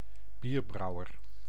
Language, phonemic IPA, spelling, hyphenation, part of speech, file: Dutch, /ˈbirˌbrɑu̯.ər/, bierbrouwer, bier‧brou‧wer, noun, Nl-bierbrouwer.ogg
- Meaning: brewer, one who brews beer